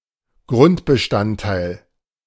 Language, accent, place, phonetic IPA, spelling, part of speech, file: German, Germany, Berlin, [ˈɡʁʊntbəˌʃtanttaɪ̯l], Grundbestandteil, noun, De-Grundbestandteil.ogg
- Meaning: basic element, fundamental component